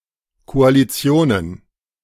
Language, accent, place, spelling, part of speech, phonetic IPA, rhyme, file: German, Germany, Berlin, Koalitionen, noun, [koaliˈt͡si̯oːnən], -oːnən, De-Koalitionen.ogg
- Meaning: plural of Koalition